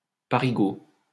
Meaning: Parisian
- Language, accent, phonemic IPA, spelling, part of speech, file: French, France, /pa.ʁi.ɡo/, parigot, adjective, LL-Q150 (fra)-parigot.wav